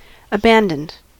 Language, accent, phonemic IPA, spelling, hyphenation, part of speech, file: English, US, /əˈbæn.dənd/, abandoned, a‧ban‧doned, adjective / verb, En-us-abandoned.ogg
- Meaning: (adjective) Having given oneself up to vice; immoral; extremely wicked, or sinning without restraint; irreclaimably wicked